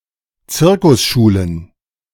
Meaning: plural of Zirkusschule
- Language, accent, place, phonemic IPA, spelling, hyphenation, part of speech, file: German, Germany, Berlin, /ˈt͡sɪʁkʊsˌʃuːlən/, Zirkusschulen, Zir‧kus‧schu‧len, noun, De-Zirkusschulen.ogg